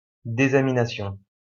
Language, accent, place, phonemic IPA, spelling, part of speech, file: French, France, Lyon, /de.za.mi.na.sjɔ̃/, désamination, noun, LL-Q150 (fra)-désamination.wav
- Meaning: deamination